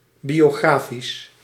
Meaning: biographical
- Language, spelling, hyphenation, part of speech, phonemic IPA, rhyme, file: Dutch, biografisch, bio‧gra‧fisch, adjective, /ˌbi.oːˈɣraː.fis/, -aːfis, Nl-biografisch.ogg